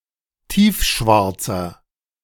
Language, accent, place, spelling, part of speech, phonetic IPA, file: German, Germany, Berlin, tiefschwarzer, adjective, [ˈtiːfˌʃvaʁt͡sɐ], De-tiefschwarzer.ogg
- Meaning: inflection of tiefschwarz: 1. strong/mixed nominative masculine singular 2. strong genitive/dative feminine singular 3. strong genitive plural